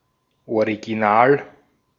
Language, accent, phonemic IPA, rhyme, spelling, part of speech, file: German, Austria, /oʁiɡiˈnaːl/, -aːl, Original, noun, De-at-Original.ogg
- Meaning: 1. original 2. a unique and interesting individual: character; original (one who is charismatic and funny, especially in a way considered typical of a region or a social group)